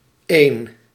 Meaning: -ene
- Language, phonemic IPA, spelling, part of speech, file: Dutch, /eːn/, -een, suffix, Nl--een.ogg